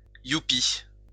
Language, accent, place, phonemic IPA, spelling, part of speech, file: French, France, Lyon, /ju.pi/, youpi, interjection, LL-Q150 (fra)-youpi.wav
- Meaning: whoopee; yippee